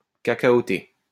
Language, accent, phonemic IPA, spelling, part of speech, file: French, France, /ka.ka.o.te/, cacaoté, adjective, LL-Q150 (fra)-cacaoté.wav
- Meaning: with cocoa